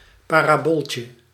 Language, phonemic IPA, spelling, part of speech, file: Dutch, /ˌparaˈboltʲə/, parabooltje, noun, Nl-parabooltje.ogg
- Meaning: diminutive of parabool